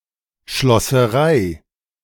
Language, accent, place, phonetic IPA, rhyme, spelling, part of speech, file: German, Germany, Berlin, [ʃlɔsəˈʁaɪ̯], -aɪ̯, Schlosserei, noun, De-Schlosserei.ogg
- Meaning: 1. locksmith's shop 2. fitters shop, metalworking shop